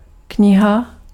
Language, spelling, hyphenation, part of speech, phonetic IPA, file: Czech, kniha, kni‧ha, noun, [ˈkɲɪɦa], Cs-kniha.ogg
- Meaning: 1. book (a collection of sheets of paper bound together to hinge at one edge) 2. book (a major division of a published work) 3. omasum (the third portion in the stomach of a ruminant)